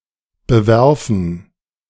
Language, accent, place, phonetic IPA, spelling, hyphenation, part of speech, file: German, Germany, Berlin, [bəˈvɛʁfn̩], bewerfen, be‧wer‧fen, verb, De-bewerfen.ogg
- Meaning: to throw at someone or something